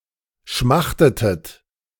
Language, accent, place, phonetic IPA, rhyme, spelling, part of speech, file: German, Germany, Berlin, [ˈʃmaxtətət], -axtətət, schmachtetet, verb, De-schmachtetet.ogg
- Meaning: inflection of schmachten: 1. second-person plural preterite 2. second-person plural subjunctive II